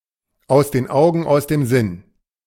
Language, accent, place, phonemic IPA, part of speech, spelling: German, Germany, Berlin, /ˌaʊ̯s den ˈaʊ̯ɡən | ˌaʊ̯s dem ˈzɪn/, proverb, aus den Augen, aus dem Sinn
- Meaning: out of sight, out of mind